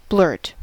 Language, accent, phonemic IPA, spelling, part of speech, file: English, US, /ˈblɝt/, blurt, verb / noun, En-us-blurt.ogg
- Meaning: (verb) 1. To utter suddenly and unadvisedly; to speak quickly or without thought; to divulge inconsiderately — commonly with out 2. To spurt; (noun) An abrupt outburst